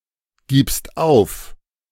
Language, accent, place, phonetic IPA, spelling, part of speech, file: German, Germany, Berlin, [ˌɡiːpst ˈaʊ̯f], gibst auf, verb, De-gibst auf.ogg
- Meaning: second-person singular present of aufgeben